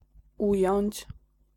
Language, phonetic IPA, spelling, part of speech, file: Polish, [ˈujɔ̇̃ɲt͡ɕ], ująć, verb, Pl-ująć.ogg